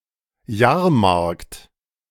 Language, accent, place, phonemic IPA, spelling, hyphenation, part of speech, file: German, Germany, Berlin, /ˈjaːɐ̯ˌmaʁkt/, Jahrmarkt, Jahr‧markt, noun, De-Jahrmarkt.ogg
- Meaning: fair, funfair